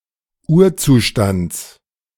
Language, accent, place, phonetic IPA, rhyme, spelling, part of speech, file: German, Germany, Berlin, [ˈuːɐ̯ˌt͡suːʃtant͡s], -uːɐ̯t͡suːʃtant͡s, Urzustands, noun, De-Urzustands.ogg
- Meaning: genitive singular of Urzustand